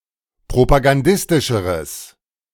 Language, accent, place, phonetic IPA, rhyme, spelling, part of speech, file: German, Germany, Berlin, [pʁopaɡanˈdɪstɪʃəʁəs], -ɪstɪʃəʁəs, propagandistischeres, adjective, De-propagandistischeres.ogg
- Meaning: strong/mixed nominative/accusative neuter singular comparative degree of propagandistisch